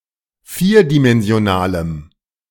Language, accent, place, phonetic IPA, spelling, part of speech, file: German, Germany, Berlin, [ˈfiːɐ̯dimɛnzi̯oˌnaːlə], vierdimensionale, adjective, De-vierdimensionale.ogg
- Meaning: inflection of vierdimensional: 1. strong/mixed nominative/accusative feminine singular 2. strong nominative/accusative plural 3. weak nominative all-gender singular